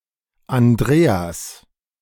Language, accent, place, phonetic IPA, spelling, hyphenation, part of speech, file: German, Germany, Berlin, [anˈdʁeːas], Andreas, An‧dre‧as, proper noun, De-Andreas.ogg
- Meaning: 1. Andrew (biblical figure) 2. a male given name from Ancient Greek, equivalent to English Andrew 3. inflection of Andrea: genitive singular 4. inflection of Andrea: plural